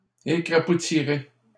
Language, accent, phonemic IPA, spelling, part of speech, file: French, Canada, /e.kʁa.pu.ti.ʁe/, écrapoutirai, verb, LL-Q150 (fra)-écrapoutirai.wav
- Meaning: first-person singular simple future of écrapoutir